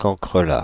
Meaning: cockroach
- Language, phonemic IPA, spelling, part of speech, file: French, /kɑ̃.kʁə.la/, cancrelat, noun, Fr-cancrelat.oga